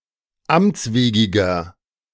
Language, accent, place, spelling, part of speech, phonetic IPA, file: German, Germany, Berlin, amtswegiger, adjective, [ˈamt͡sˌveːɡɪɡɐ], De-amtswegiger.ogg
- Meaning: inflection of amtswegig: 1. strong/mixed nominative masculine singular 2. strong genitive/dative feminine singular 3. strong genitive plural